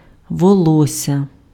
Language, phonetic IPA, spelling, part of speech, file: Ukrainian, [wɔˈɫɔsʲːɐ], волосся, noun, Uk-волосся.ogg
- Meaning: hair